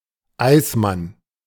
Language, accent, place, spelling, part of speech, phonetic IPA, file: German, Germany, Berlin, Eismann, noun / proper noun, [ˈaɪ̯sˌman], De-Eismann.ogg
- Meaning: 1. iceman (one who trades in ice) 2. ice cream vendor on the street 3. the Ice Saints